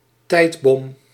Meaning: time bomb
- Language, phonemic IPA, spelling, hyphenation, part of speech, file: Dutch, /ˈtɛi̯t.bɔm/, tijdbom, tijd‧bom, noun, Nl-tijdbom.ogg